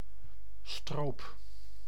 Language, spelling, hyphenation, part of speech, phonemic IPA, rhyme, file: Dutch, stroop, stroop, noun, /stroːp/, -oːp, Nl-stroop.ogg
- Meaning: 1. syrup, especially a viscous variety of syrup 2. poaching (the act of hunting illegally)